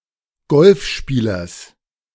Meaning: genitive of Golfspieler
- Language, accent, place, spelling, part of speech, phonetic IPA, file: German, Germany, Berlin, Golfspielers, noun, [ˈɡɔlfˌʃpiːlɐs], De-Golfspielers.ogg